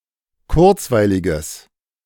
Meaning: strong/mixed nominative/accusative neuter singular of kurzweilig
- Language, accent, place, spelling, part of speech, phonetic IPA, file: German, Germany, Berlin, kurzweiliges, adjective, [ˈkʊʁt͡svaɪ̯lɪɡəs], De-kurzweiliges.ogg